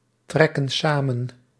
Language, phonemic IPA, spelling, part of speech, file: Dutch, /ˈtrɛkə(n) ˈsamə(n)/, trekken samen, verb, Nl-trekken samen.ogg
- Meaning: inflection of samentrekken: 1. plural present indicative 2. plural present subjunctive